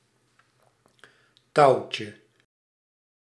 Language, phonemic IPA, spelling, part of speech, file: Dutch, /ˈtɑucə/, touwtje, noun, Nl-touwtje.ogg
- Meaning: diminutive of touw